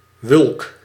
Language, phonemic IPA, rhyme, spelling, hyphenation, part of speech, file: Dutch, /ʋʏlk/, -ʏlk, wulk, wulk, noun, Nl-wulk.ogg
- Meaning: 1. true whelk (one of certain whelks (edible sea snails) of the genus Buccinum) 2. common whelk (Buccinum undatum)